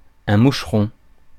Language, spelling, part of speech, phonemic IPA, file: French, moucheron, noun, /muʃ.ʁɔ̃/, Fr-moucheron.ogg
- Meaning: 1. gnat, midge 2. kid, nipper